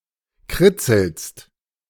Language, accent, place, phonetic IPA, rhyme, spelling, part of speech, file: German, Germany, Berlin, [ˈkʁɪt͡sl̩st], -ɪt͡sl̩st, kritzelst, verb, De-kritzelst.ogg
- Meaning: second-person singular present of kritzeln